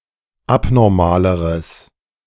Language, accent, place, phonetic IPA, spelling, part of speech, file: German, Germany, Berlin, [ˈapnɔʁmaːləʁəs], abnormaleres, adjective, De-abnormaleres.ogg
- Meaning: strong/mixed nominative/accusative neuter singular comparative degree of abnormal